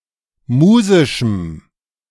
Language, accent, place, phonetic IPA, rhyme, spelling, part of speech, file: German, Germany, Berlin, [ˈmuːzɪʃm̩], -uːzɪʃm̩, musischem, adjective, De-musischem.ogg
- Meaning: strong dative masculine/neuter singular of musisch